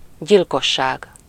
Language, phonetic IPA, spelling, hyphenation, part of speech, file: Hungarian, [ˈɟilkoʃːaːɡ], gyilkosság, gyil‧kos‧ság, noun, Hu-gyilkosság.ogg
- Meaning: murder (an act of deliberate killing)